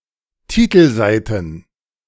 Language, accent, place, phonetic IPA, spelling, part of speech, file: German, Germany, Berlin, [ˈtiːtl̩ˌzaɪ̯tn̩], Titelseiten, noun, De-Titelseiten.ogg
- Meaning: plural of Titelseite